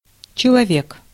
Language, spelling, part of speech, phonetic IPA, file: Russian, человек, noun, [t͡ɕɪɫɐˈvʲek], Ru-человек.ogg
- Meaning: 1. person, human being, man 2. mankind, man, the human race 3. also plural when used with cardinal words